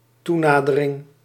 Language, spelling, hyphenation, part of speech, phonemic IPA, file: Dutch, toenadering, toe‧na‧de‧ring, noun, /ˈtuˌnaː.də.rɪŋ/, Nl-toenadering.ogg
- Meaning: 1. approach; the process of coming closer 2. rapprochement